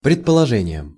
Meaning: dative plural of предположе́ние (predpoložénije)
- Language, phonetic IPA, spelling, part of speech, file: Russian, [prʲɪtpəɫɐˈʐɛnʲɪjəm], предположениям, noun, Ru-предположениям.ogg